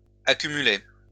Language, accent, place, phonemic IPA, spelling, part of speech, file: French, France, Lyon, /a.ky.my.lɛ/, accumulais, verb, LL-Q150 (fra)-accumulais.wav
- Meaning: first/second-person singular imperfect indicative of accumuler